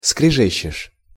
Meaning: second-person singular present indicative imperfective of скрежета́ть (skrežetátʹ)
- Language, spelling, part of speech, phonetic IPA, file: Russian, скрежещешь, verb, [skrʲɪˈʐɛɕːɪʂ], Ru-скрежещешь.ogg